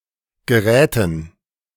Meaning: dative plural of Gerät
- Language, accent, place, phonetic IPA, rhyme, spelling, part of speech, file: German, Germany, Berlin, [ɡəˈʁɛːtn̩], -ɛːtn̩, Geräten, noun, De-Geräten.ogg